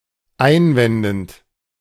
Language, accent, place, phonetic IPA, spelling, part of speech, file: German, Germany, Berlin, [ˈaɪ̯nˌvɛndn̩t], einwendend, verb, De-einwendend.ogg
- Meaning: present participle of einwenden